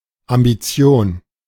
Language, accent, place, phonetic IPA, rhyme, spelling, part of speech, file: German, Germany, Berlin, [ambiˈt͡si̯oːn], -oːn, Ambition, noun, De-Ambition.ogg
- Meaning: ambition for some particular achievement